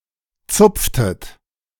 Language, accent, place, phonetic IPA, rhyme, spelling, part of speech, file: German, Germany, Berlin, [ˈt͡sʊp͡ftət], -ʊp͡ftət, zupftet, verb, De-zupftet.ogg
- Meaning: inflection of zupfen: 1. second-person plural preterite 2. second-person plural subjunctive II